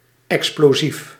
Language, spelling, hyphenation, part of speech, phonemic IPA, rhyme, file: Dutch, explosief, ex‧plo‧sief, noun / adjective, /ˌɛks.ploːˈzif/, -if, Nl-explosief.ogg
- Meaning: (noun) explosive